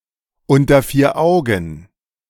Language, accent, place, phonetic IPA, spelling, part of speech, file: German, Germany, Berlin, [ˌʊntɐ fiːɐ̯ ˈaʊ̯ɡn̩], unter vier Augen, phrase, De-unter vier Augen.ogg
- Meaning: in private